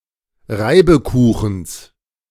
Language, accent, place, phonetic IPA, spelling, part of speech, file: German, Germany, Berlin, [ˈʁaɪ̯bəˌkuːxn̩s], Reibekuchens, noun, De-Reibekuchens.ogg
- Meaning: genitive singular of Reibekuchen